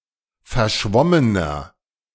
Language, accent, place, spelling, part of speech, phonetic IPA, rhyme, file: German, Germany, Berlin, verschwommener, adjective, [fɛɐ̯ˈʃvɔmənɐ], -ɔmənɐ, De-verschwommener.ogg
- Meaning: 1. comparative degree of verschwommen 2. inflection of verschwommen: strong/mixed nominative masculine singular 3. inflection of verschwommen: strong genitive/dative feminine singular